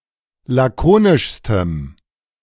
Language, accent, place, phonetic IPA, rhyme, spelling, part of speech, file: German, Germany, Berlin, [ˌlaˈkoːnɪʃstəm], -oːnɪʃstəm, lakonischstem, adjective, De-lakonischstem.ogg
- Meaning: strong dative masculine/neuter singular superlative degree of lakonisch